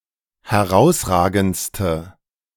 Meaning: inflection of herausragend: 1. strong/mixed nominative/accusative feminine singular superlative degree 2. strong nominative/accusative plural superlative degree
- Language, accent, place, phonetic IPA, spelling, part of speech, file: German, Germany, Berlin, [hɛˈʁaʊ̯sˌʁaːɡn̩t͡stə], herausragendste, adjective, De-herausragendste.ogg